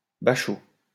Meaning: 1. a small vat or similar container 2. synonym of baccalauréat; bac (≈ A-level, high school diploma)
- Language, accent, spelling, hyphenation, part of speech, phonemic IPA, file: French, France, bachot, ba‧chot, noun, /ba.ʃo/, LL-Q150 (fra)-bachot.wav